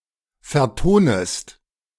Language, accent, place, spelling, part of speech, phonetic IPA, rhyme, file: German, Germany, Berlin, vertonest, verb, [fɛɐ̯ˈtoːnəst], -oːnəst, De-vertonest.ogg
- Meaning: second-person singular subjunctive I of vertonen